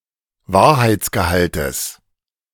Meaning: genitive singular of Wahrheitsgehalt
- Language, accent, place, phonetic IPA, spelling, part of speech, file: German, Germany, Berlin, [ˈvaːɐ̯haɪ̯t͡sɡəˌhaltəs], Wahrheitsgehaltes, noun, De-Wahrheitsgehaltes.ogg